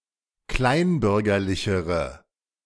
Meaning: inflection of kleinbürgerlich: 1. strong/mixed nominative/accusative feminine singular comparative degree 2. strong nominative/accusative plural comparative degree
- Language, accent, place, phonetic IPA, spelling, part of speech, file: German, Germany, Berlin, [ˈklaɪ̯nˌbʏʁɡɐlɪçəʁə], kleinbürgerlichere, adjective, De-kleinbürgerlichere.ogg